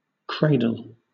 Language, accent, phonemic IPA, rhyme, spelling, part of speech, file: English, Southern England, /ˈkɹeɪdəl/, -eɪdəl, cradle, noun / verb, LL-Q1860 (eng)-cradle.wav
- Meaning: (noun) 1. A bed or cot for a baby, oscillating on rockers or swinging on pivots 2. The place of origin, or in which anything is nurtured or protected in the earlier period of existence